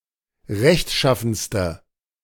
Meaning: inflection of rechtschaffen: 1. strong/mixed nominative/accusative feminine singular superlative degree 2. strong nominative/accusative plural superlative degree
- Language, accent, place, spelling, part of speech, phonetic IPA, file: German, Germany, Berlin, rechtschaffenste, adjective, [ˈʁɛçtˌʃafn̩stə], De-rechtschaffenste.ogg